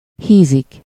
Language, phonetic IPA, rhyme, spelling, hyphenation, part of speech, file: Hungarian, [ˈhiːzik], -iːzik, hízik, hí‧zik, verb, Hu-hízik.ogg
- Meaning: to put on weight, fatten, to become fatter